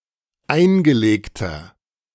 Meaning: inflection of eingelegt: 1. strong/mixed nominative masculine singular 2. strong genitive/dative feminine singular 3. strong genitive plural
- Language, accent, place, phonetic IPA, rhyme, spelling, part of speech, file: German, Germany, Berlin, [ˈaɪ̯nɡəˌleːktɐ], -aɪ̯nɡəleːktɐ, eingelegter, adjective, De-eingelegter.ogg